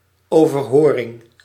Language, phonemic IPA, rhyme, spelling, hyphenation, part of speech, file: Dutch, /ˌoː.vərˈɦoː.rɪŋ/, -oːrɪŋ, overhoring, over‧ho‧ring, noun, Nl-overhoring.ogg
- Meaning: oral exam, oral test